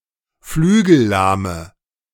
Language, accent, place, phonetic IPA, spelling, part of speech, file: German, Germany, Berlin, [ˈflyːɡl̩ˌlaːmə], flügellahme, adjective, De-flügellahme.ogg
- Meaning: inflection of flügellahm: 1. strong/mixed nominative/accusative feminine singular 2. strong nominative/accusative plural 3. weak nominative all-gender singular